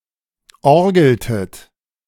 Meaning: inflection of orgeln: 1. second-person plural preterite 2. second-person plural subjunctive II
- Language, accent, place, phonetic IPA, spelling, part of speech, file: German, Germany, Berlin, [ˈɔʁɡl̩tət], orgeltet, verb, De-orgeltet.ogg